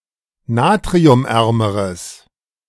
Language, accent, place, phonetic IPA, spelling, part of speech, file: German, Germany, Berlin, [ˈnaːtʁiʊmˌʔɛʁməʁəs], natriumärmeres, adjective, De-natriumärmeres.ogg
- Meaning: strong/mixed nominative/accusative neuter singular comparative degree of natriumarm